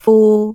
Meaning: 1. Jyutping transcription of 㠸 2. Jyutping transcription of 副 3. Jyutping transcription of 富 4. Jyutping transcription of 福
- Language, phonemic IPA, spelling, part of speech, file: Cantonese, /fuː˧/, fu3, romanization, Yue-fu3.ogg